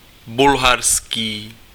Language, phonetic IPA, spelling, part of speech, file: Czech, [ˈbulɦarskiː], bulharský, adjective, Cs-bulharský.ogg
- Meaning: Bulgarian